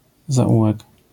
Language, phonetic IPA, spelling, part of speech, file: Polish, [zaˈʷuwɛk], zaułek, noun, LL-Q809 (pol)-zaułek.wav